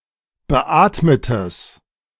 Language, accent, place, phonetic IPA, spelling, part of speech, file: German, Germany, Berlin, [bəˈʔaːtmətəs], beatmetes, adjective, De-beatmetes.ogg
- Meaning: strong/mixed nominative/accusative neuter singular of beatmet